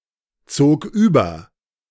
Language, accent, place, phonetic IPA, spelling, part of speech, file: German, Germany, Berlin, [ˌt͡soːk ˈyːbɐ], zog über, verb, De-zog über.ogg
- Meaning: first/third-person singular preterite of überziehen